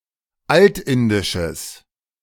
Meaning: strong/mixed nominative/accusative neuter singular of altindisch
- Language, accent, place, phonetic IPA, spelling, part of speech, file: German, Germany, Berlin, [ˈaltˌɪndɪʃəs], altindisches, adjective, De-altindisches.ogg